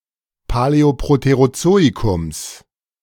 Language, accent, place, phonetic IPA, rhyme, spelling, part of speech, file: German, Germany, Berlin, [paˌlɛoˌpʁoteʁoˈt͡soːikʊms], -oːikʊms, Paläoproterozoikums, noun, De-Paläoproterozoikums.ogg
- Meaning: genitive singular of Paläoproterozoikum